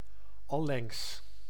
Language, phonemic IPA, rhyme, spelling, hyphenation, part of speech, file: Dutch, /ɑˈlɛŋs/, -ɛŋs, allengs, al‧lengs, adverb, Nl-allengs.ogg
- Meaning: gradually, slowly